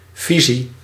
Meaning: vision
- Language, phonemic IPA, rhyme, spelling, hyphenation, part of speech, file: Dutch, /ˈvi.zi/, -izi, visie, vi‧sie, noun, Nl-visie.ogg